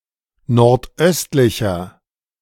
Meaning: 1. comparative degree of nordöstlich 2. inflection of nordöstlich: strong/mixed nominative masculine singular 3. inflection of nordöstlich: strong genitive/dative feminine singular
- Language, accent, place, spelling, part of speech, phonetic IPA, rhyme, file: German, Germany, Berlin, nordöstlicher, adjective, [nɔʁtˈʔœstlɪçɐ], -œstlɪçɐ, De-nordöstlicher.ogg